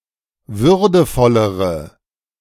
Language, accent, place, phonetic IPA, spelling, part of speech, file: German, Germany, Berlin, [ˈvʏʁdəfɔləʁə], würdevollere, adjective, De-würdevollere.ogg
- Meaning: inflection of würdevoll: 1. strong/mixed nominative/accusative feminine singular comparative degree 2. strong nominative/accusative plural comparative degree